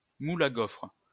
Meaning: waffle iron
- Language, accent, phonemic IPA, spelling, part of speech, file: French, France, /mul a ɡofʁ/, moule à gaufres, noun, LL-Q150 (fra)-moule à gaufres.wav